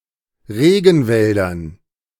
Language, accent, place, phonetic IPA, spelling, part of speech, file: German, Germany, Berlin, [ˈʁeːɡn̩ˌvɛldɐn], Regenwäldern, noun, De-Regenwäldern.ogg
- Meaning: dative plural of Regenwald